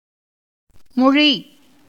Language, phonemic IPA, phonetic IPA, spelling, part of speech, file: Tamil, /moɻiː/, [mo̞ɻiː], மொழி, noun / verb, Ta-மொழி.ogg
- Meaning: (noun) 1. language 2. word 3. instruction 4. speech; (verb) to speak, utter, talk; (noun) 1. joint, as of wrist, knee, ankle, etc 2. joint where a twig branches off from the stem